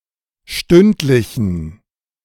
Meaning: inflection of stündlich: 1. strong genitive masculine/neuter singular 2. weak/mixed genitive/dative all-gender singular 3. strong/weak/mixed accusative masculine singular 4. strong dative plural
- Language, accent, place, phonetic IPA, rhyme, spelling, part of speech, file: German, Germany, Berlin, [ˈʃtʏntlɪçn̩], -ʏntlɪçn̩, stündlichen, adjective, De-stündlichen.ogg